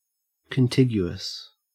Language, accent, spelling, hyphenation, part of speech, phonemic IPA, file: English, Australia, contiguous, con‧tig‧u‧ous, adjective, /kənˈtɪɡ.jʉ.əs/, En-au-contiguous.ogg
- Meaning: 1. Connected; touching; abutting 2. Adjacent; neighboring 3. Connecting without a break